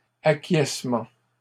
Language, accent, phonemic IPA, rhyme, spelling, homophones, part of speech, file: French, Canada, /a.kjɛs.mɑ̃/, -ɑ̃, acquiescement, acquiescements, noun, LL-Q150 (fra)-acquiescement.wav
- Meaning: agreement, acquiescence